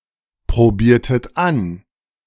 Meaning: inflection of anprobieren: 1. second-person plural preterite 2. second-person plural subjunctive II
- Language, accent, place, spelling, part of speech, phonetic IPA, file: German, Germany, Berlin, probiertet an, verb, [pʁoˌbiːɐ̯tət ˈan], De-probiertet an.ogg